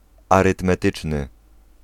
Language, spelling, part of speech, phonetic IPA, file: Polish, arytmetyczny, adjective, [ˌarɨtmɛˈtɨt͡ʃnɨ], Pl-arytmetyczny.ogg